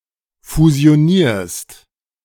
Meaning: second-person singular present of fusionieren
- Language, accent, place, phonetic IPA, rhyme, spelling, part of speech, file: German, Germany, Berlin, [fuzi̯oˈniːɐ̯st], -iːɐ̯st, fusionierst, verb, De-fusionierst.ogg